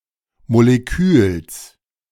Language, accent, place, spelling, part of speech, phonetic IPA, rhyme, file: German, Germany, Berlin, Moleküls, noun, [moleˈkyːls], -yːls, De-Moleküls.ogg
- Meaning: genitive singular of Molekül